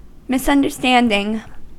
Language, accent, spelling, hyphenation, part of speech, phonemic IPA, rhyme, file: English, US, misunderstanding, mis‧un‧der‧stand‧ing, noun / verb, /ˌmɪsʌndɚˈstændɪŋ/, -ændɪŋ, En-us-misunderstanding.ogg
- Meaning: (noun) 1. A mistake as to the meaning of something or a specific point of view; erroneous interpretation or comprehension; misconception 2. A disagreement; difference of opinion; dissension; quarrel